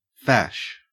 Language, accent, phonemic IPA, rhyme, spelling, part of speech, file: English, Australia, /fæʃ/, -æʃ, fash, verb / noun, En-au-fash.ogg
- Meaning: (verb) 1. To worry; to bother, annoy 2. To trouble oneself; to take pains 3. To ignore or forget about someone or something; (noun) A worry; trouble; bother